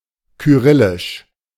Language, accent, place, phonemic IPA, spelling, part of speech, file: German, Germany, Berlin, /kyˈʁɪlɪʃ/, kyrillisch, adjective, De-kyrillisch.ogg
- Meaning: Cyrillic